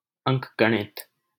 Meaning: arithmetic
- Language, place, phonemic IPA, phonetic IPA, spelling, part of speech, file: Hindi, Delhi, /əŋk.ɡə.ɳɪt̪/, [ɐ̃ŋk̚.ɡɐ.ɳɪt̪], अंकगणित, noun, LL-Q1568 (hin)-अंकगणित.wav